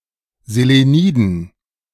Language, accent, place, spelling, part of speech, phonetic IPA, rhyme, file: German, Germany, Berlin, Seleniden, noun, [zeleˈniːdn̩], -iːdn̩, De-Seleniden.ogg
- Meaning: dative plural of Selenid